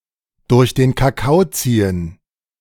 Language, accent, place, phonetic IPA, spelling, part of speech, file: German, Germany, Berlin, [dʊʁç deːn kaˈkaʊ̯ ˈt͡siːən], durch den Kakao ziehen, phrase, De-durch den Kakao ziehen.ogg
- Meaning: to pull someone's leg, to make fun of someone or something, to roast someone